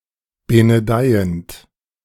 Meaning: present participle of benedeien
- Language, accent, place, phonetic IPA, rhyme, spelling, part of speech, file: German, Germany, Berlin, [ˌbenəˈdaɪ̯ənt], -aɪ̯ənt, benedeiend, verb, De-benedeiend.ogg